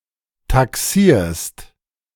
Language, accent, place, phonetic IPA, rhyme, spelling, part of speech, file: German, Germany, Berlin, [taˈksiːɐ̯st], -iːɐ̯st, taxierst, verb, De-taxierst.ogg
- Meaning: second-person singular present of taxieren